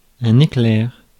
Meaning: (noun) 1. lightning bolt 2. flash 3. sparkle 4. éclair (pastry); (adjective) very fast
- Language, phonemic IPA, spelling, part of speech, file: French, /e.klɛʁ/, éclair, noun / adjective, Fr-éclair.ogg